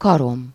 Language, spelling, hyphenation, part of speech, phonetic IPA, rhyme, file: Hungarian, karom, ka‧rom, noun, [ˈkɒrom], -om, Hu-karom.ogg
- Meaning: 1. claw (a curved, pointed horny nail on each digit of the foot of a mammal, reptile, or bird) 2. talon (a sharp, hooked claw of a bird of prey or other predatory animal)